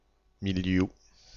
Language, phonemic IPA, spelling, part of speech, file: French, /mil.dju/, mildiou, noun, Fr-mildiou.ogg
- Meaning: mildew (growth of minute fungi)